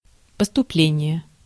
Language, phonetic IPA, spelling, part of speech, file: Russian, [pəstʊˈplʲenʲɪje], поступление, noun, Ru-поступление.ogg
- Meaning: 1. entrance, entering, joining, admission, intake 2. receipt, arrival 3. proceeds, earnings